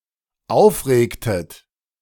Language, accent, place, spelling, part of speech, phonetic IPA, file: German, Germany, Berlin, aufregtet, verb, [ˈaʊ̯fˌʁeːktət], De-aufregtet.ogg
- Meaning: inflection of aufregen: 1. second-person plural dependent preterite 2. second-person plural dependent subjunctive II